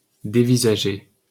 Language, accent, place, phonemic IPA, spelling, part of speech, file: French, France, Paris, /de.vi.za.ʒe/, dévisager, verb, LL-Q150 (fra)-dévisager.wav
- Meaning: to peer at (someone's face), stare at (the face of)